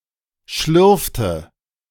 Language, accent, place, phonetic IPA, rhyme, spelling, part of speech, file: German, Germany, Berlin, [ˈʃlʏʁftə], -ʏʁftə, schlürfte, verb, De-schlürfte.ogg
- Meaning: inflection of schlürfen: 1. first/third-person singular preterite 2. first/third-person singular subjunctive II